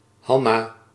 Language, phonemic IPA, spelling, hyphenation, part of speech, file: Dutch, /ˈɦɑ.naː/, Hanna, Han‧na, proper noun, Nl-Hanna.ogg
- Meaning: 1. Hannah (Biblical character) 2. a female given name